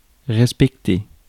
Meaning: 1. to respect 2. to meet (deadline) 3. to comply with (rules, laws)
- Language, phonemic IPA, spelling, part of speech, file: French, /ʁɛs.pɛk.te/, respecter, verb, Fr-respecter.ogg